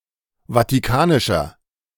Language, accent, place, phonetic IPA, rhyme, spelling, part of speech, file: German, Germany, Berlin, [vatiˈkaːnɪʃɐ], -aːnɪʃɐ, vatikanischer, adjective, De-vatikanischer.ogg
- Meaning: inflection of vatikanisch: 1. strong/mixed nominative masculine singular 2. strong genitive/dative feminine singular 3. strong genitive plural